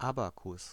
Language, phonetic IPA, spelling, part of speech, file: German, [ˈabakʊs], Abakus, noun, De-Abakus.ogg
- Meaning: 1. abacus (table with balls on wires or counters in groves, for counting) 2. abacus (uppermost part of a column)